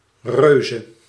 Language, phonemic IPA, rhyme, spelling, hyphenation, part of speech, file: Dutch, /ˈrøːzə/, -øːzə, reuze, reu‧ze, adjective, Nl-reuze.ogg
- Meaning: fantastic, great, awesome